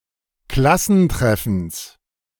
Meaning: genitive of Klassentreffen
- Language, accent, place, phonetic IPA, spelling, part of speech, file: German, Germany, Berlin, [ˈklasn̩ˌtʁɛfn̩s], Klassentreffens, noun, De-Klassentreffens.ogg